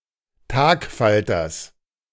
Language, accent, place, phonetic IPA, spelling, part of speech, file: German, Germany, Berlin, [ˈtaːkˌfaltɐs], Tagfalters, noun, De-Tagfalters.ogg
- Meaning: genitive singular of Tagfalter